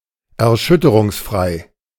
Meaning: vibration-free
- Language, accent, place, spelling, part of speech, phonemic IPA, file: German, Germany, Berlin, erschütterungsfrei, adjective, /ɛɐ̯ˈʃʏtəʁʊŋsˌfʁaɪ̯/, De-erschütterungsfrei.ogg